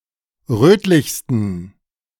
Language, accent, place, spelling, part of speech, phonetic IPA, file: German, Germany, Berlin, rötlichsten, adjective, [ˈrøːtlɪçstən], De-rötlichsten.ogg
- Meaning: 1. superlative degree of rötlich 2. inflection of rötlich: strong genitive masculine/neuter singular superlative degree